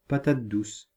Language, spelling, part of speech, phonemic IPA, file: French, patate douce, noun, /pa.tat dus/, Fr-patate douce.ogg
- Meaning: sweet potato